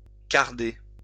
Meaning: to card (use a carding machine)
- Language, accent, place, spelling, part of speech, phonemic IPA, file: French, France, Lyon, carder, verb, /kaʁ.de/, LL-Q150 (fra)-carder.wav